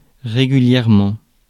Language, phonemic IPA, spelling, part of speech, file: French, /ʁe.ɡy.ljɛʁ.mɑ̃/, régulièrement, adverb, Fr-régulièrement.ogg
- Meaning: 1. regularly, on a regular basis, frequently 2. legally, lawfully, in accordance with the rules